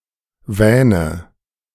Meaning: inflection of wähnen: 1. first-person singular present 2. first/third-person singular subjunctive I 3. singular imperative
- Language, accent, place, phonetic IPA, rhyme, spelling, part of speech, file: German, Germany, Berlin, [ˈvɛːnə], -ɛːnə, wähne, verb, De-wähne.ogg